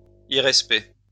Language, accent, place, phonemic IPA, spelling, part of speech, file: French, France, Lyon, /i.ʁɛs.pɛ/, irrespect, noun, LL-Q150 (fra)-irrespect.wav
- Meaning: disrespect